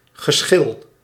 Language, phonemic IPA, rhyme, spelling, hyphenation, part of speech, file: Dutch, /ɣəˈsxɪl/, -ɪl, geschil, ge‧schil, noun, Nl-geschil.ogg
- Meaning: 1. difference of opinion, dispute, strife 2. the act of peeling (e.g. fruits or vegetables)